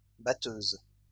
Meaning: plural of batteuse
- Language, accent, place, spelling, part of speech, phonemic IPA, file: French, France, Lyon, batteuses, noun, /ba.tøz/, LL-Q150 (fra)-batteuses.wav